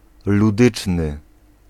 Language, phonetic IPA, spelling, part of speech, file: Polish, [luˈdɨt͡ʃnɨ], ludyczny, adjective, Pl-ludyczny.ogg